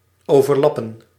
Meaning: to overlap
- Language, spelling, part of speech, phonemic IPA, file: Dutch, overlappen, verb, /ˌoːvərˈlɑpə(n)/, Nl-overlappen.ogg